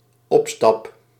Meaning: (noun) 1. upwards step; small elevation that requires one step to climb 2. stepping stone (as a way to progress); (verb) first-person singular dependent-clause present indicative of opstappen
- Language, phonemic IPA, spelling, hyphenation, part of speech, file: Dutch, /ˈɔp.stɑp/, opstap, op‧stap, noun / verb, Nl-opstap.ogg